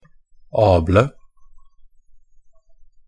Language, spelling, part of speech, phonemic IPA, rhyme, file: Norwegian Bokmål, -able, suffix, /ˈɑːblə/, -ɑːblə, Pronunciation of Norwegian Bokmål «-able».ogg
- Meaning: singular definite & plural form of -abel